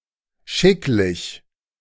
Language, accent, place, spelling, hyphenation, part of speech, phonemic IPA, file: German, Germany, Berlin, schicklich, schick‧lich, adjective, /ˈʃɪklɪç/, De-schicklich.ogg
- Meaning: appropriate, proper